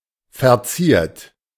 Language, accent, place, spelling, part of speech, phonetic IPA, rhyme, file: German, Germany, Berlin, verziert, adjective / verb, [fɛɐ̯ˈt͡siːɐ̯t], -iːɐ̯t, De-verziert.ogg
- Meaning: 1. past participle of verzieren 2. inflection of verzieren: third-person singular present 3. inflection of verzieren: second-person plural present 4. inflection of verzieren: plural imperative